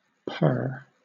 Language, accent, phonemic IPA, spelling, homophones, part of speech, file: English, Southern England, /pɜː/, purr, pair / pare, verb / noun / interjection, LL-Q1860 (eng)-purr.wav
- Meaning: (verb) 1. To make a vibrating sound in its throat when contented or in certain other conditions 2. To say (something) in a throaty, seductive manner